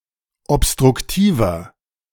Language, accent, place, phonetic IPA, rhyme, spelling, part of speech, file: German, Germany, Berlin, [ɔpstʁʊkˈtiːvɐ], -iːvɐ, obstruktiver, adjective, De-obstruktiver.ogg
- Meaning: inflection of obstruktiv: 1. strong/mixed nominative masculine singular 2. strong genitive/dative feminine singular 3. strong genitive plural